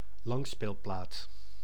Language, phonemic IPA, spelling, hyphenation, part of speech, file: Dutch, /ˈlɑŋ.speːlˌplaːt/, langspeelplaat, lang‧speel‧plaat, noun, Nl-langspeelplaat.ogg
- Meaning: long-play record, long-play